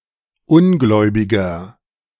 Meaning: 1. comparative degree of ungläubig 2. inflection of ungläubig: strong/mixed nominative masculine singular 3. inflection of ungläubig: strong genitive/dative feminine singular
- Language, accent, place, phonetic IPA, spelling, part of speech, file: German, Germany, Berlin, [ˈʊnˌɡlɔɪ̯bɪɡɐ], ungläubiger, adjective, De-ungläubiger.ogg